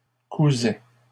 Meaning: third-person singular imperfect indicative of coudre
- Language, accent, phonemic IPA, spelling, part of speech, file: French, Canada, /ku.zɛ/, cousait, verb, LL-Q150 (fra)-cousait.wav